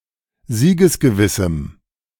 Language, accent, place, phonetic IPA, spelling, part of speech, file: German, Germany, Berlin, [ˈziːɡəsɡəˌvɪsm̩], siegesgewissem, adjective, De-siegesgewissem.ogg
- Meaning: strong dative masculine/neuter singular of siegesgewiss